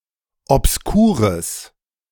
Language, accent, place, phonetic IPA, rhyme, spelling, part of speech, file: German, Germany, Berlin, [ɔpsˈkuːʁəs], -uːʁəs, obskures, adjective, De-obskures.ogg
- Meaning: strong/mixed nominative/accusative neuter singular of obskur